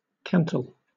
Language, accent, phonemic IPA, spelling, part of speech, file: English, Southern England, /ˈkantəl/, cantle, noun / verb, LL-Q1860 (eng)-cantle.wav
- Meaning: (noun) 1. A splinter, slice, or sliver broken off something 2. The raised back of a saddle 3. The top of the head